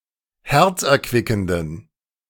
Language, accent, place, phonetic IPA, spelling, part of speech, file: German, Germany, Berlin, [ˈhɛʁt͡sʔɛɐ̯ˌkvɪkn̩dən], herzerquickenden, adjective, De-herzerquickenden.ogg
- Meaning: inflection of herzerquickend: 1. strong genitive masculine/neuter singular 2. weak/mixed genitive/dative all-gender singular 3. strong/weak/mixed accusative masculine singular 4. strong dative plural